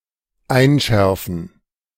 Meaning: to impress upon, to inculcate
- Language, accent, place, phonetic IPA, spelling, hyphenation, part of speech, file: German, Germany, Berlin, [ˈaɪ̯nˌʃɛʁfn̩], einschärfen, ein‧schär‧fen, verb, De-einschärfen.ogg